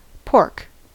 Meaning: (noun) 1. The meat of a pig 2. Funding proposed or requested by a member of Congress for special interests or their constituency as opposed to the good of the country as a whole
- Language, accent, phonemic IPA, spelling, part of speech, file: English, US, /poɹk/, pork, noun / verb, En-us-pork.ogg